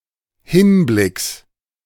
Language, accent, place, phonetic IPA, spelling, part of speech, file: German, Germany, Berlin, [ˈhɪnˌblɪks], Hinblicks, noun, De-Hinblicks.ogg
- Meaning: genitive singular of Hinblick